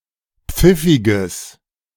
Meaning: strong/mixed nominative/accusative neuter singular of pfiffig
- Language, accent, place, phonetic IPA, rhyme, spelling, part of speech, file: German, Germany, Berlin, [ˈp͡fɪfɪɡəs], -ɪfɪɡəs, pfiffiges, adjective, De-pfiffiges.ogg